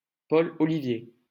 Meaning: 1. a male given name, equivalent to English Oliver 2. Olivier: a surname
- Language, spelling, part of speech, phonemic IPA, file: French, Olivier, proper noun, /ɔ.li.vje/, LL-Q150 (fra)-Olivier.wav